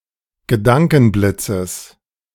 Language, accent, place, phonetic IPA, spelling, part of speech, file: German, Germany, Berlin, [ɡəˈdaŋkn̩ˌblɪt͡səs], Gedankenblitzes, noun, De-Gedankenblitzes.ogg
- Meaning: genitive singular of Gedankenblitz